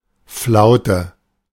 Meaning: 1. calm (period free from wind) 2. lull, slack, slack period
- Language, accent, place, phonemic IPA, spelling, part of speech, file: German, Germany, Berlin, /ˈflaʊ̯tə/, Flaute, noun, De-Flaute.ogg